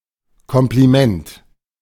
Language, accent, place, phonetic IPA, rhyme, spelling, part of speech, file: German, Germany, Berlin, [ˌkɔmpliˈmɛnt], -ɛnt, Kompliment, noun, De-Kompliment.ogg
- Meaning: compliment